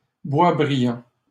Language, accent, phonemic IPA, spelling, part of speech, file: French, Canada, /bwa.bʁi.jɑ̃/, Boisbriand, proper noun, LL-Q150 (fra)-Boisbriand.wav
- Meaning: 1. Boisbriand; a town in Quebec, Canada 2. a habitational surname, Boisbriand